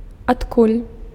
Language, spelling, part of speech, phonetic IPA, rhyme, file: Belarusian, адкуль, adverb, [atˈkulʲ], -ulʲ, Be-адкуль.ogg
- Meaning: 1. from where, wherefrom, whence (from which place or source) 2. how (why, for what reason)